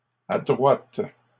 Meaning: feminine plural of adroit
- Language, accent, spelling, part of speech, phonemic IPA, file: French, Canada, adroites, adjective, /a.dʁwat/, LL-Q150 (fra)-adroites.wav